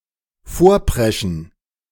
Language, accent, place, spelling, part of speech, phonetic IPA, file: German, Germany, Berlin, vorpreschen, verb, [ˈfoːɐ̯ˌpʁɛʃn̩], De-vorpreschen.ogg
- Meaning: to rush ahead